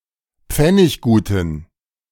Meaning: inflection of pfenniggut: 1. strong genitive masculine/neuter singular 2. weak/mixed genitive/dative all-gender singular 3. strong/weak/mixed accusative masculine singular 4. strong dative plural
- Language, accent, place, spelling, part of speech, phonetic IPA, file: German, Germany, Berlin, pfennigguten, adjective, [ˈp͡fɛnɪçɡuːtn̩], De-pfennigguten.ogg